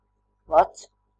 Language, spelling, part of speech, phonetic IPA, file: Latvian, vads, noun, [vats], Lv-vads.ogg
- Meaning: 1. pipe, tube, duct, chute (a cylindrical structure for transporting fluids) 2. tube- or pipe-like organ in the body 3. cable, wire used for electrical power transmission 4. dragnet, seine